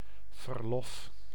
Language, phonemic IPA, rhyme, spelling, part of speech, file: Dutch, /vərˈlɔf/, -ɔf, verlof, noun, Nl-verlof.ogg
- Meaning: 1. furlough, leave of absence 2. permission, authorization 3. vacation